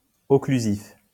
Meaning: occlusive
- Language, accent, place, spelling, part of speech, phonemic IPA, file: French, France, Lyon, occlusif, adjective, /ɔ.kly.zif/, LL-Q150 (fra)-occlusif.wav